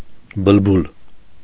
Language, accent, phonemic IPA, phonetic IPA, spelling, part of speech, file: Armenian, Eastern Armenian, /bəlˈbul/, [bəlbúl], բլբուլ, noun / adjective, Hy-բլբուլ.ogg
- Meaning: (noun) 1. nightingale 2. mealy-mouthed, smooth-tongued person; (adjective) mealy-mouthed, smooth-tongued; eloquent